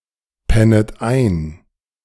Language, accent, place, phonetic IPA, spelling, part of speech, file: German, Germany, Berlin, [ˌpɛnət ˈaɪ̯n], pennet ein, verb, De-pennet ein.ogg
- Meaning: second-person plural subjunctive I of einpennen